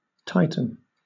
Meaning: 1. To make tighter 2. To become tighter 3. To make money harder to borrow or obtain 4. To raise short-term interest rates
- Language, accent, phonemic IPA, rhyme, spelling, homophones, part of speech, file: English, Southern England, /ˈtaɪ.tən/, -aɪtən, tighten, titan / Titan, verb, LL-Q1860 (eng)-tighten.wav